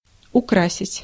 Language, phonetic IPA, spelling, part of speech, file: Russian, [ʊˈkrasʲɪtʲ], украсить, verb, Ru-украсить.ogg
- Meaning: to adorn, to embellish, to beautify, to decorate, to ornament